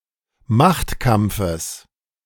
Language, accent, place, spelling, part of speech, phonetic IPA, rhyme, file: German, Germany, Berlin, Machtkampfes, noun, [ˈmaxtˌkamp͡fəs], -axtkamp͡fəs, De-Machtkampfes.ogg
- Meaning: genitive singular of Machtkampf